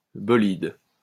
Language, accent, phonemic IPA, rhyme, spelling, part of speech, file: French, France, /bɔ.lid/, -id, bolide, noun, LL-Q150 (fra)-bolide.wav
- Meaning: 1. fireball 2. fast racing car; speedster, high-powered car